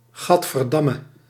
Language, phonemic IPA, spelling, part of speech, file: Dutch, /ˈɣɑtfərˌdɑmə/, gadverdamme, interjection, Nl-gadverdamme.ogg
- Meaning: 1. shit, bah 2. ew